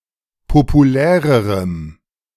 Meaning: strong dative masculine/neuter singular comparative degree of populär
- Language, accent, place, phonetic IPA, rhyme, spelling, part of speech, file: German, Germany, Berlin, [popuˈlɛːʁəʁəm], -ɛːʁəʁəm, populärerem, adjective, De-populärerem.ogg